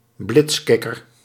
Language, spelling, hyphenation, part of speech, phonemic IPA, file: Dutch, blitskikker, blits‧kik‧ker, noun, /ˈblɪtsˌkɪ.kər/, Nl-blitskikker.ogg
- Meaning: a (usually young) person who follows fashion very closely, fashionista